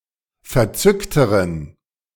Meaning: inflection of verzückt: 1. strong genitive masculine/neuter singular comparative degree 2. weak/mixed genitive/dative all-gender singular comparative degree
- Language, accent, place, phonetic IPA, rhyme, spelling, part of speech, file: German, Germany, Berlin, [fɛɐ̯ˈt͡sʏktəʁən], -ʏktəʁən, verzückteren, adjective, De-verzückteren.ogg